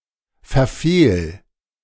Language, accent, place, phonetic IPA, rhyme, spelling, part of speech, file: German, Germany, Berlin, [fɛɐ̯ˈfeːl], -eːl, verfehl, verb, De-verfehl.ogg
- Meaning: 1. singular imperative of verfehlen 2. first-person singular present of verfehlen